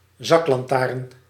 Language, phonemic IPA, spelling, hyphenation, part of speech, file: Dutch, /ˈzɑk.lɑnˌtaːrn/, zaklantaarn, zak‧lan‧taarn, noun, Nl-zaklantaarn.ogg
- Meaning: flashlight, torch